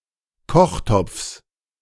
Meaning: genitive singular of Kochtopf
- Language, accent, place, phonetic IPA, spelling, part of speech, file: German, Germany, Berlin, [ˈkɔxˌtɔp͡fs], Kochtopfs, noun, De-Kochtopfs.ogg